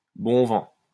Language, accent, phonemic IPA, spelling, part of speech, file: French, France, /bɔ̃ vɑ̃/, bon vent, interjection, LL-Q150 (fra)-bon vent.wav
- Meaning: 1. Godspeed! safe journey! farewell! goodbye! 2. good riddance!